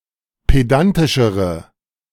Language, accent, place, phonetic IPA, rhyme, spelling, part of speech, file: German, Germany, Berlin, [ˌpeˈdantɪʃəʁə], -antɪʃəʁə, pedantischere, adjective, De-pedantischere.ogg
- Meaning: inflection of pedantisch: 1. strong/mixed nominative/accusative feminine singular comparative degree 2. strong nominative/accusative plural comparative degree